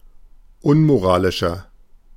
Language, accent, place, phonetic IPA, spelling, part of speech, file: German, Germany, Berlin, [ˈʊnmoˌʁaːlɪʃɐ], unmoralischer, adjective, De-unmoralischer.ogg
- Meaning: 1. comparative degree of unmoralisch 2. inflection of unmoralisch: strong/mixed nominative masculine singular 3. inflection of unmoralisch: strong genitive/dative feminine singular